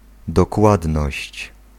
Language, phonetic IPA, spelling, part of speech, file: Polish, [dɔˈkwadnɔɕt͡ɕ], dokładność, noun, Pl-dokładność.ogg